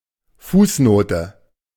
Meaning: footnote
- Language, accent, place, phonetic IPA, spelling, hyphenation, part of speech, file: German, Germany, Berlin, [ˈfuːsˌnoːtə], Fußnote, Fuß‧no‧te, noun, De-Fußnote.ogg